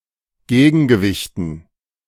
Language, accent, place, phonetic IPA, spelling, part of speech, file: German, Germany, Berlin, [ˈɡeːɡn̩ɡəˌvɪçtn̩], Gegengewichten, noun, De-Gegengewichten.ogg
- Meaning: dative plural of Gegengewicht